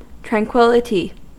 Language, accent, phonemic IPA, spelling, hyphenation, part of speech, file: English, US, /tɹæŋˈkwɪl.ɪ.ti/, tranquillity, tran‧quil‧li‧ty, noun, En-us-tranquillity.ogg
- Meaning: The state of being tranquil; peacefulness, the absence of disturbance or stress; serenity; calm